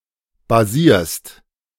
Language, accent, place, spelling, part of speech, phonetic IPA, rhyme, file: German, Germany, Berlin, basierst, verb, [baˈziːɐ̯st], -iːɐ̯st, De-basierst.ogg
- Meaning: second-person singular present of basieren